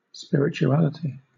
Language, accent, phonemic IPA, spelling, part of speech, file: English, Southern England, /ˌspɪɹ.ə.t͡ʃuˈæl.ə.tɪ/, spirituality, noun, LL-Q1860 (eng)-spirituality.wav
- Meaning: 1. The quality or state of being spiritual 2. Concern for that which is unseen and intangible, as opposed to physical or mundane 3. Appreciation for religious values